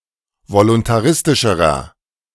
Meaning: inflection of voluntaristisch: 1. strong/mixed nominative masculine singular comparative degree 2. strong genitive/dative feminine singular comparative degree
- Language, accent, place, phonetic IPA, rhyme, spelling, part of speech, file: German, Germany, Berlin, [volʊntaˈʁɪstɪʃəʁɐ], -ɪstɪʃəʁɐ, voluntaristischerer, adjective, De-voluntaristischerer.ogg